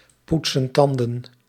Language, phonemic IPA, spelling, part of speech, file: Dutch, /ˈputsə(n) ˈtɑndə(n)/, poetsen tanden, verb, Nl-poetsen tanden.ogg
- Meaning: inflection of tandenpoetsen: 1. plural present indicative 2. plural present subjunctive